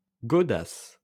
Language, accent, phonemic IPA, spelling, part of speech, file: French, France, /ɡɔ.das/, godasses, noun, LL-Q150 (fra)-godasses.wav
- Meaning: plural of godasse